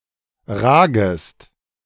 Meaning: second-person singular subjunctive I of ragen
- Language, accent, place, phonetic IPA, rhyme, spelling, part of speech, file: German, Germany, Berlin, [ˈʁaːɡəst], -aːɡəst, ragest, verb, De-ragest.ogg